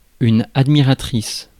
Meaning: female equivalent of admirateur
- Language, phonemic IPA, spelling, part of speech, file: French, /ad.mi.ʁa.tʁis/, admiratrice, noun, Fr-admiratrice.ogg